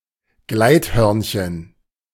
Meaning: flying squirrel
- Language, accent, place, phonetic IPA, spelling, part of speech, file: German, Germany, Berlin, [ˈɡlaɪ̯tˌhœʁnçən], Gleithörnchen, noun, De-Gleithörnchen.ogg